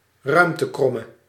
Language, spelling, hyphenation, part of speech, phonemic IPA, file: Dutch, ruimtekromme, ruim‧te‧krom‧me, noun, /ˈrœy̯m.təˌkrɔ.mə/, Nl-ruimtekromme.ogg
- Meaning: three-dimensional or any multidimensional line (including curves); a space curve